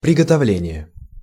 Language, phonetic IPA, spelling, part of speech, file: Russian, [prʲɪɡətɐˈvlʲenʲɪje], приготовление, noun, Ru-приготовление.ogg
- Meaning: preparation, arrangement, preparative